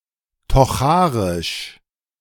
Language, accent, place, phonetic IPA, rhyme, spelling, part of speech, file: German, Germany, Berlin, [tɔˈxaːʁɪʃ], -aːʁɪʃ, tocharisch, adjective, De-tocharisch.ogg
- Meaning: Tocharian (related to the Tocharians or their language)